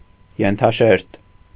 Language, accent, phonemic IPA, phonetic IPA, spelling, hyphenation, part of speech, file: Armenian, Eastern Armenian, /jentʰɑˈʃeɾt/, [jentʰɑʃéɾt], ենթաշերտ, են‧թա‧շերտ, noun, Hy-ենթաշերտ.ogg
- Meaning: 1. sublayer 2. substrate